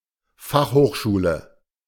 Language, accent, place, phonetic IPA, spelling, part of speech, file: German, Germany, Berlin, [ˈfaxhoːxʃuːlə], Fachhochschule, noun, De-Fachhochschule.ogg
- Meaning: university of applied sciences